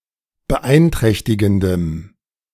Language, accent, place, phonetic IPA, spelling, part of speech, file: German, Germany, Berlin, [bəˈʔaɪ̯nˌtʁɛçtɪɡn̩dəm], beeinträchtigendem, adjective, De-beeinträchtigendem.ogg
- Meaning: strong dative masculine/neuter singular of beeinträchtigend